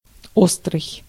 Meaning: 1. sharp, pointed 2. acute 3. keen 4. critical 5. hot, spicy
- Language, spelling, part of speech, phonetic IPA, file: Russian, острый, adjective, [ˈostrɨj], Ru-острый.ogg